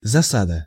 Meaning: ambush
- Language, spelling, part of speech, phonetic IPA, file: Russian, засада, noun, [zɐˈsadə], Ru-засада.ogg